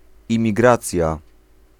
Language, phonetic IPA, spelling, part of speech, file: Polish, [ˌĩmʲiˈɡrat͡sʲja], imigracja, noun, Pl-imigracja.ogg